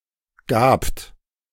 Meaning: second-person plural preterite of geben
- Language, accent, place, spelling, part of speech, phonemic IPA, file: German, Germany, Berlin, gabt, verb, /ɡaːpt/, De-gabt.ogg